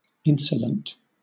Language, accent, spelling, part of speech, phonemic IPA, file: English, Southern England, insolent, adjective / noun, /ˈɪn.sə.lənt/, LL-Q1860 (eng)-insolent.wav
- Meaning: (adjective) 1. Insulting in manner or words, particularly in an arrogant or insubordinate manner 2. Rude; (noun) A person who is insolent